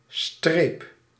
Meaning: 1. stripe 2. a short stroke (e.g. of the pen) 3. hyphen
- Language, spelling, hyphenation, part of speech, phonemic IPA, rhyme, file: Dutch, streep, streep, noun, /streːp/, -eːp, Nl-streep.ogg